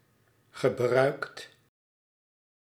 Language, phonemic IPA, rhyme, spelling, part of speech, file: Dutch, /ɣə.ˈbrœy̯kt/, -œy̯kt, gebruikt, verb, Nl-gebruikt.ogg
- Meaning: 1. inflection of gebruiken: second/third-person singular present indicative 2. inflection of gebruiken: plural imperative 3. past participle of gebruiken 4. past participle of bruiken